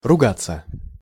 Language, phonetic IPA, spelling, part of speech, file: Russian, [rʊˈɡat͡sːə], ругаться, verb, Ru-ругаться.ogg
- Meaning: 1. to call (bad) names, to curse, to swear, to use bad language 2. to quarrel, to fight 3. passive of руга́ть (rugátʹ)